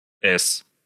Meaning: 1. The Cyrillic letter С, с 2. The Roman letter S, s
- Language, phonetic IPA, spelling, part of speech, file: Russian, [ɛs], эс, noun, Ru-эс.ogg